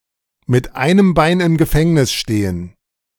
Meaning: to be involved in illegal activities
- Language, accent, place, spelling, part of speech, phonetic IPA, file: German, Germany, Berlin, mit einem Bein im Gefängnis stehen, verb, [mɪt aɪ̯nəm ˈbaɪ̯n ɪm ɡəˈfɛŋnɪs ˈʃteːən], De-mit einem Bein im Gefängnis stehen.ogg